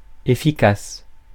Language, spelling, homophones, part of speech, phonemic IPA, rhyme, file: French, efficace, efficaces, adjective, /e.fi.kas/, -as, Fr-efficace.ogg
- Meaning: 1. effective 2. efficacious